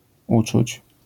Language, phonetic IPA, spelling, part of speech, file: Polish, [ˈut͡ʃut͡ɕ], uczuć, noun / verb, LL-Q809 (pol)-uczuć.wav